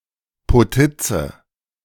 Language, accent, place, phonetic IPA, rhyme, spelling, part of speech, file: German, Germany, Berlin, [poˈtɪt͡sə], -ɪt͡sə, Potitze, noun, De-Potitze.ogg
- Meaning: potica (a sweet cake made with yeast-leavened dough and a filling often with nuts or poppy)